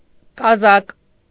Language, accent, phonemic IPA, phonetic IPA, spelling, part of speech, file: Armenian, Eastern Armenian, /kɑˈzɑk/, [kɑzɑ́k], կազակ, noun, Hy-կազակ.ogg
- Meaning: Cossack